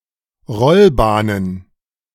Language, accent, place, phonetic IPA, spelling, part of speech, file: German, Germany, Berlin, [ˈʁɔlˌbaːnən], Rollbahnen, noun, De-Rollbahnen.ogg
- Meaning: plural of Rollbahn